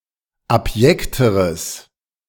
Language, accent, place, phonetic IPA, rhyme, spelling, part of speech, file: German, Germany, Berlin, [apˈjɛktəʁəs], -ɛktəʁəs, abjekteres, adjective, De-abjekteres.ogg
- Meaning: strong/mixed nominative/accusative neuter singular comparative degree of abjekt